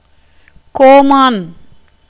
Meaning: 1. king 2. lord
- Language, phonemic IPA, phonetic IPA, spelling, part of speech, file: Tamil, /koːmɑːn/, [koːmäːn], கோமான், noun, Ta-கோமான்.ogg